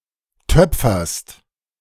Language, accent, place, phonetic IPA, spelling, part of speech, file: German, Germany, Berlin, [ˈtœp͡fɐst], töpferst, verb, De-töpferst.ogg
- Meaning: second-person singular present of töpfern